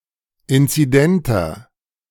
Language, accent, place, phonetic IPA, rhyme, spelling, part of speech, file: German, Germany, Berlin, [ˌɪnt͡siˈdɛntɐ], -ɛntɐ, inzidenter, adjective, De-inzidenter.ogg
- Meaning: inflection of inzident: 1. strong/mixed nominative masculine singular 2. strong genitive/dative feminine singular 3. strong genitive plural